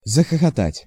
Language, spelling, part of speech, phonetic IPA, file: Russian, захохотать, verb, [zəxəxɐˈtatʲ], Ru-захохотать.ogg
- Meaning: to laugh loudly, to laugh heartily, to roar with laughter, to guffaw